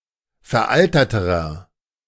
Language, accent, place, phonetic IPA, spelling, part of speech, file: German, Germany, Berlin, [fɛɐ̯ˈʔaltɐtəʁɐ], veralterterer, adjective, De-veralterterer.ogg
- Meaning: inflection of veraltert: 1. strong/mixed nominative masculine singular comparative degree 2. strong genitive/dative feminine singular comparative degree 3. strong genitive plural comparative degree